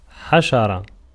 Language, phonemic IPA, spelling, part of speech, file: Arabic, /ħa.ʃa.ra/, حشرة, noun, Ar-حشرة.ogg
- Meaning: 1. insect 2. small creeping animal, reptile